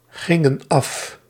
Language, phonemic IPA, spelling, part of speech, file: Dutch, /ˈɣɪŋə(n) ˈɑf/, gingen af, verb, Nl-gingen af.ogg
- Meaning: inflection of afgaan: 1. plural past indicative 2. plural past subjunctive